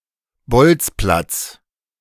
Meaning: A soccer field that does not have standard dimensions and is usually located on a public ground for use by children
- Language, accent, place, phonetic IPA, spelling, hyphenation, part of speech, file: German, Germany, Berlin, [ˈbɔltsplats], Bolzplatz, Bolz‧platz, noun, De-Bolzplatz.ogg